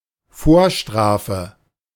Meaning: prior conviction
- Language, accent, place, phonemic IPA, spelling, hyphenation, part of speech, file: German, Germany, Berlin, /ˈfoːɐ̯ˌʃtʁaːfə/, Vorstrafe, Vor‧stra‧fe, noun, De-Vorstrafe.ogg